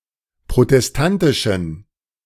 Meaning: inflection of protestantisch: 1. strong genitive masculine/neuter singular 2. weak/mixed genitive/dative all-gender singular 3. strong/weak/mixed accusative masculine singular 4. strong dative plural
- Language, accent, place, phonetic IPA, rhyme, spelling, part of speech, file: German, Germany, Berlin, [pʁotɛsˈtantɪʃn̩], -antɪʃn̩, protestantischen, adjective, De-protestantischen.ogg